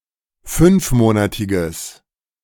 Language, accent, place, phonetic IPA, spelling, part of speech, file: German, Germany, Berlin, [ˈfʏnfˌmoːnatɪɡəs], fünfmonatiges, adjective, De-fünfmonatiges.ogg
- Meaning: strong/mixed nominative/accusative neuter singular of fünfmonatig